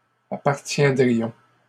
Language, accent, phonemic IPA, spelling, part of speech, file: French, Canada, /a.paʁ.tjɛ̃.dʁi.jɔ̃/, appartiendrions, verb, LL-Q150 (fra)-appartiendrions.wav
- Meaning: first-person plural conditional of appartenir